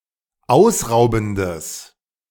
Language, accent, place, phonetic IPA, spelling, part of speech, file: German, Germany, Berlin, [ˈaʊ̯sˌʁaʊ̯bn̩dəs], ausraubendes, adjective, De-ausraubendes.ogg
- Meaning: strong/mixed nominative/accusative neuter singular of ausraubend